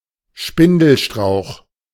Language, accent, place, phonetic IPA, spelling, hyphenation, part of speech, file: German, Germany, Berlin, [ˈʃpɪndl̩ʃtʁaʊ̯x], Spindelstrauch, Spin‧del‧strauch, noun, De-Spindelstrauch.ogg
- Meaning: spindle (tree of the genus Euonymus)